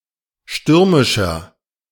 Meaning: 1. comparative degree of stürmisch 2. inflection of stürmisch: strong/mixed nominative masculine singular 3. inflection of stürmisch: strong genitive/dative feminine singular
- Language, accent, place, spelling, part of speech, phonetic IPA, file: German, Germany, Berlin, stürmischer, adjective, [ˈʃtʏʁmɪʃɐ], De-stürmischer.ogg